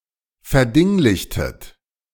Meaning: inflection of verdinglichen: 1. second-person plural preterite 2. second-person plural subjunctive II
- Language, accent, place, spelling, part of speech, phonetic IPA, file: German, Germany, Berlin, verdinglichtet, verb, [fɛɐ̯ˈdɪŋlɪçtət], De-verdinglichtet.ogg